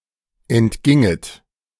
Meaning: second-person plural subjunctive II of entgehen
- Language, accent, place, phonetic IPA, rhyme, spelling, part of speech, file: German, Germany, Berlin, [ɛntˈɡɪŋət], -ɪŋət, entginget, verb, De-entginget.ogg